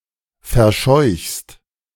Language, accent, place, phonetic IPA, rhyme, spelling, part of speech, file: German, Germany, Berlin, [fɛɐ̯ˈʃɔɪ̯çst], -ɔɪ̯çst, verscheuchst, verb, De-verscheuchst.ogg
- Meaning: second-person singular present of verscheuchen